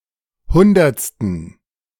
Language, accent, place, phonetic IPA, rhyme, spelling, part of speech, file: German, Germany, Berlin, [ˈhʊndɐt͡stn̩], -ʊndɐt͡stn̩, hundertsten, adjective, De-hundertsten.ogg
- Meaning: inflection of hundertste: 1. strong genitive masculine/neuter singular 2. weak/mixed genitive/dative all-gender singular 3. strong/weak/mixed accusative masculine singular 4. strong dative plural